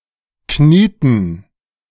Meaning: inflection of knien: 1. first/third-person plural preterite 2. first/third-person plural subjunctive II
- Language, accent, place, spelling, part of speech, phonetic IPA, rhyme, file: German, Germany, Berlin, knieten, verb, [ˈkniːtn̩], -iːtn̩, De-knieten.ogg